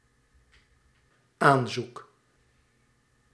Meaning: offer, proposal; especially a marriage proposal
- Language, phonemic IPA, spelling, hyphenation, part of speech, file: Dutch, /ˈaːn.zuk/, aanzoek, aan‧zoek, noun, Nl-aanzoek.ogg